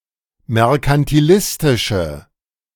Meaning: inflection of merkantilistisch: 1. strong/mixed nominative/accusative feminine singular 2. strong nominative/accusative plural 3. weak nominative all-gender singular
- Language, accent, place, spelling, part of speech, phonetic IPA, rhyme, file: German, Germany, Berlin, merkantilistische, adjective, [mɛʁkantiˈlɪstɪʃə], -ɪstɪʃə, De-merkantilistische.ogg